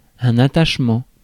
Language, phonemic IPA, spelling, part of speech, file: French, /a.taʃ.mɑ̃/, attachement, noun, Fr-attachement.ogg
- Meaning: attachment